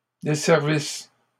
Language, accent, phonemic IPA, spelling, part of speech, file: French, Canada, /de.sɛʁ.vis/, desservisse, verb, LL-Q150 (fra)-desservisse.wav
- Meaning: first-person singular imperfect subjunctive of desservir